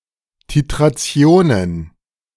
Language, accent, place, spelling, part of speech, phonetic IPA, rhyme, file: German, Germany, Berlin, Titrationen, noun, [titʁaˈt͡si̯oːnən], -oːnən, De-Titrationen.ogg
- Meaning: plural of Titration